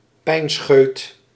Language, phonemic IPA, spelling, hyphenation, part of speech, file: Dutch, /ˈpɛi̯nsxøːt/, pijnscheut, pijn‧scheut, noun, Nl-pijnscheut.ogg
- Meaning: shooting pain, stab of pain, stabbing pain